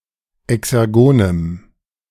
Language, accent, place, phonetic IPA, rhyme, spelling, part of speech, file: German, Germany, Berlin, [ɛksɛʁˈɡoːnəm], -oːnəm, exergonem, adjective, De-exergonem.ogg
- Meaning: strong dative masculine/neuter singular of exergon